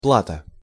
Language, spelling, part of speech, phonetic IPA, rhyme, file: Russian, плата, noun, [ˈpɫatə], -atə, Ru-плата.ogg
- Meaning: 1. fee, pay, salary, wages, fare, rent 2. card, cardboard, deck